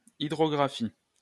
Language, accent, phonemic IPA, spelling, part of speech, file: French, France, /i.dʁɔ.ɡʁa.fi/, hydrographie, noun, LL-Q150 (fra)-hydrographie.wav
- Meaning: hydrography